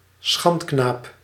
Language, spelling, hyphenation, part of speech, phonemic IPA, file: Dutch, schandknaap, schand‧knaap, noun, /ˈsxɑnt.knaːp/, Nl-schandknaap.ogg
- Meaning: young male prostitute